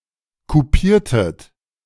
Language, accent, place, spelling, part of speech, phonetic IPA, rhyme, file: German, Germany, Berlin, kupiertet, verb, [kuˈpiːɐ̯tət], -iːɐ̯tət, De-kupiertet.ogg
- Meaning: inflection of kupieren: 1. second-person plural preterite 2. second-person plural subjunctive II